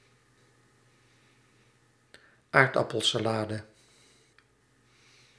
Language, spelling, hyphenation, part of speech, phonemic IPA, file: Dutch, aardappelsalade, aard‧ap‧pel‧sa‧la‧de, noun, /ˈaːrdɑpəlsaːˌlaːdə/, Nl-aardappelsalade.ogg
- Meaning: potato salad (salad made from chopped boiled potatoes)